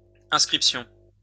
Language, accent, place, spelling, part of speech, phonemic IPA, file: French, France, Lyon, inscriptions, noun, /ɛ̃s.kʁip.sjɔ̃/, LL-Q150 (fra)-inscriptions.wav
- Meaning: plural of inscription